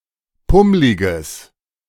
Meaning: strong/mixed nominative/accusative neuter singular of pummlig
- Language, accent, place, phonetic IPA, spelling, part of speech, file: German, Germany, Berlin, [ˈpʊmlɪɡəs], pummliges, adjective, De-pummliges.ogg